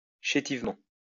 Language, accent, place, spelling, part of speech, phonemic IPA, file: French, France, Lyon, chétivement, adverb, /ʃe.tiv.mɑ̃/, LL-Q150 (fra)-chétivement.wav
- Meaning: 1. punily 2. meagrely